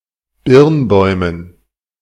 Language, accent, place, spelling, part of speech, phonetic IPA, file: German, Germany, Berlin, Birnbäumen, noun, [ˈbɪʁnˌbɔɪ̯mən], De-Birnbäumen.ogg
- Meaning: dative plural of Birnbaum